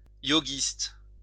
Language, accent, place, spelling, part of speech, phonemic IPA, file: French, France, Lyon, yogiste, adjective / noun, /jo.ɡist/, LL-Q150 (fra)-yogiste.wav
- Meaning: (adjective) alternative form of yoguiste